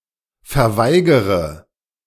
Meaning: inflection of verweigern: 1. first-person singular present 2. first/third-person singular subjunctive I 3. singular imperative
- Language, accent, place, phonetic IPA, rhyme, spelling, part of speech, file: German, Germany, Berlin, [fɛɐ̯ˈvaɪ̯ɡəʁə], -aɪ̯ɡəʁə, verweigere, verb, De-verweigere.ogg